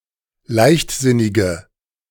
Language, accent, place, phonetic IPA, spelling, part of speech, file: German, Germany, Berlin, [ˈlaɪ̯çtˌzɪnɪɡə], leichtsinnige, adjective, De-leichtsinnige.ogg
- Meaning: inflection of leichtsinnig: 1. strong/mixed nominative/accusative feminine singular 2. strong nominative/accusative plural 3. weak nominative all-gender singular